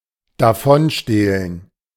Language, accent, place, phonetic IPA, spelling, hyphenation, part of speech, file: German, Germany, Berlin, [daˈfɔnˌʃteːlən], davonstehlen, da‧von‧steh‧len, verb, De-davonstehlen.ogg
- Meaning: 1. to slip away, to skulk off 2. to abscond